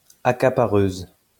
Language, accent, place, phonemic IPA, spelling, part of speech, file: French, France, Lyon, /a.ka.pa.ʁøz/, accapareuse, noun, LL-Q150 (fra)-accapareuse.wav
- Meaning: female equivalent of accapareur: female hoarder